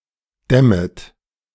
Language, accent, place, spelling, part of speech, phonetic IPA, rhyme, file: German, Germany, Berlin, dämmet, verb, [ˈdɛmət], -ɛmət, De-dämmet.ogg
- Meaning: second-person plural subjunctive I of dämmen